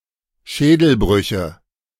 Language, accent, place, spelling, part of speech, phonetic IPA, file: German, Germany, Berlin, Schädelbrüche, noun, [ˈʃɛːdl̩ˌbʁʏçə], De-Schädelbrüche.ogg
- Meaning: nominative/accusative/genitive plural of Schädelbruch